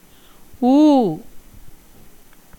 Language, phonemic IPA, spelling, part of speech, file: Tamil, /uː/, ஊ, character / noun, Ta-ஊ.ogg
- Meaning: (character) The sixth vowel in Tamil; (noun) flesh, meat